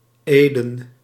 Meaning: Eden (mythological garden in Genesis)
- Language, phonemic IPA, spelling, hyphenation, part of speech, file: Dutch, /ˈeː.də(n)/, Eden, Eden, proper noun, Nl-Eden.ogg